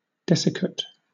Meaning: A substance which has been desiccated, that is, had its moisture removed
- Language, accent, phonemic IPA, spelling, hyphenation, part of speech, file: English, Southern England, /ˈdɛsɪkət/, desiccate, de‧sic‧cate, noun, LL-Q1860 (eng)-desiccate.wav